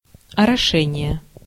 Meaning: irrigation
- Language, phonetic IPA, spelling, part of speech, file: Russian, [ɐrɐˈʂɛnʲɪje], орошение, noun, Ru-орошение.ogg